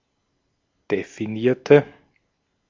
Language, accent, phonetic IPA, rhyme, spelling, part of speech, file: German, Austria, [defiˈniːɐ̯tə], -iːɐ̯tə, definierte, adjective / verb, De-at-definierte.ogg
- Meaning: inflection of definieren: 1. first/third-person singular preterite 2. first/third-person singular subjunctive II